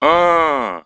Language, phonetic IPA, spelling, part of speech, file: Russian, [aː], а-а-а, interjection, Ru-а́-а-а.ogg
- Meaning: alternative form of а́-а (á-a)